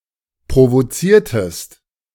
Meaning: inflection of provozieren: 1. second-person singular preterite 2. second-person singular subjunctive II
- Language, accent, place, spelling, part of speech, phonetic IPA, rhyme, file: German, Germany, Berlin, provoziertest, verb, [pʁovoˈt͡siːɐ̯təst], -iːɐ̯təst, De-provoziertest.ogg